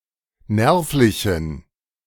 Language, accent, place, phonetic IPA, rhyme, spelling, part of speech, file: German, Germany, Berlin, [ˈnɛʁflɪçn̩], -ɛʁflɪçn̩, nervlichen, adjective, De-nervlichen.ogg
- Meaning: inflection of nervlich: 1. strong genitive masculine/neuter singular 2. weak/mixed genitive/dative all-gender singular 3. strong/weak/mixed accusative masculine singular 4. strong dative plural